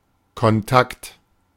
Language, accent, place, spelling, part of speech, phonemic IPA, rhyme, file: German, Germany, Berlin, Kontakt, noun, /kɔnˈtakt/, -akt, De-Kontakt.ogg
- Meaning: 1. contact 2. junction